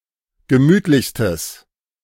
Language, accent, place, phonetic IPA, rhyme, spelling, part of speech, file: German, Germany, Berlin, [ɡəˈmyːtlɪçstəs], -yːtlɪçstəs, gemütlichstes, adjective, De-gemütlichstes.ogg
- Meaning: strong/mixed nominative/accusative neuter singular superlative degree of gemütlich